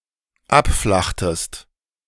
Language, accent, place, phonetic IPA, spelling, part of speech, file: German, Germany, Berlin, [ˈapˌflaxtəst], abflachtest, verb, De-abflachtest.ogg
- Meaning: inflection of abflachen: 1. second-person singular dependent preterite 2. second-person singular dependent subjunctive II